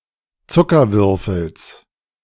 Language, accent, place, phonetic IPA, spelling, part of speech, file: German, Germany, Berlin, [ˈt͡sʊkɐˌvʏʁfl̩s], Zuckerwürfels, noun, De-Zuckerwürfels.ogg
- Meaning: genitive singular of Zuckerwürfel